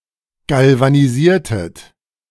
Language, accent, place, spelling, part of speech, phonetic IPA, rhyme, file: German, Germany, Berlin, galvanisiertet, verb, [ˌɡalvaniˈziːɐ̯tət], -iːɐ̯tət, De-galvanisiertet.ogg
- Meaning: inflection of galvanisieren: 1. second-person plural preterite 2. second-person plural subjunctive II